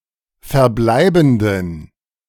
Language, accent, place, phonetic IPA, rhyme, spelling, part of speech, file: German, Germany, Berlin, [fɛɐ̯ˈblaɪ̯bn̩dən], -aɪ̯bn̩dən, verbleibenden, adjective, De-verbleibenden.ogg
- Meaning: inflection of verbleibend: 1. strong genitive masculine/neuter singular 2. weak/mixed genitive/dative all-gender singular 3. strong/weak/mixed accusative masculine singular 4. strong dative plural